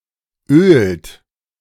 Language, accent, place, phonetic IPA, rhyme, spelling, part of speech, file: German, Germany, Berlin, [øːlt], -øːlt, ölt, verb, De-ölt.ogg
- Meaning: inflection of ölen: 1. third-person singular present 2. second-person plural present 3. plural imperative